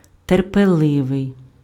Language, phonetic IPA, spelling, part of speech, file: Ukrainian, [terpeˈɫɪʋei̯], терпеливий, adjective, Uk-терпеливий.ogg
- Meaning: patient